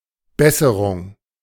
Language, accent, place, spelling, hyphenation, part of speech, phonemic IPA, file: German, Germany, Berlin, Besserung, Bes‧se‧rung, noun, /ˈbɛsəʁʊŋ/, De-Besserung.ogg
- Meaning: 1. amelioration 2. improvement